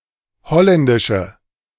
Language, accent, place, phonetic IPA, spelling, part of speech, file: German, Germany, Berlin, [ˈhɔlɛndɪʃə], holländische, adjective, De-holländische.ogg
- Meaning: inflection of holländisch: 1. strong/mixed nominative/accusative feminine singular 2. strong nominative/accusative plural 3. weak nominative all-gender singular